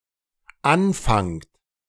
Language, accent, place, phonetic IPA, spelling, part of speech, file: German, Germany, Berlin, [ˈanˌfaŋt], anfangt, verb, De-anfangt.ogg
- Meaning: second-person plural dependent present of anfangen